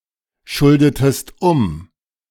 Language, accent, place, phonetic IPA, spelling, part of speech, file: German, Germany, Berlin, [ˌʃʊldətəst ˈʊm], schuldetest um, verb, De-schuldetest um.ogg
- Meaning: inflection of umschulden: 1. second-person singular preterite 2. second-person singular subjunctive II